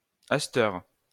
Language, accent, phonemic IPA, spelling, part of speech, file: French, France, /as.tœʁ/, asteure, adverb, LL-Q150 (fra)-asteure.wav
- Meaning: alternative spelling of asteur